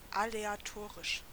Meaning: aleatory
- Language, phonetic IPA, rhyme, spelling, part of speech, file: German, [aleaˈtoːʁɪʃ], -oːʁɪʃ, aleatorisch, adjective, De-aleatorisch.ogg